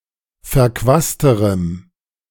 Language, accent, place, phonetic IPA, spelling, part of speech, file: German, Germany, Berlin, [fɛɐ̯ˈkvaːstəʁəm], verquasterem, adjective, De-verquasterem.ogg
- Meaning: strong dative masculine/neuter singular comparative degree of verquast